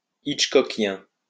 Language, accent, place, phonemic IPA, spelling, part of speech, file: French, France, Lyon, /itʃ.kɔ.kjɛ̃/, hitchcockien, adjective, LL-Q150 (fra)-hitchcockien.wav
- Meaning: Hitchcockian